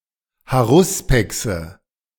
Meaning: nominative/accusative/genitive plural of Haruspex
- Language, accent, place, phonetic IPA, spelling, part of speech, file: German, Germany, Berlin, [haˈʁʊspɛksə], Haruspexe, noun, De-Haruspexe.ogg